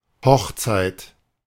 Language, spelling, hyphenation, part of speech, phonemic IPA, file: German, Hochzeit, Hoch‧zeit, noun, /ˈhɔxˌt͡saɪ̯t/, De-Hochzeit.ogg
- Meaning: wedding, marriage (a ceremony in which people are married and/or a celebration thereof)